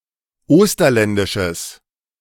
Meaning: strong/mixed nominative/accusative neuter singular of osterländisch
- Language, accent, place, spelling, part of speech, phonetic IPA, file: German, Germany, Berlin, osterländisches, adjective, [ˈoːstɐlɛndɪʃəs], De-osterländisches.ogg